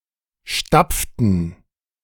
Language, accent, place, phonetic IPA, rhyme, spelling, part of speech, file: German, Germany, Berlin, [ˈʃtap͡ftn̩], -ap͡ftn̩, stapften, verb, De-stapften.ogg
- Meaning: inflection of stapfen: 1. first/third-person plural preterite 2. first/third-person plural subjunctive II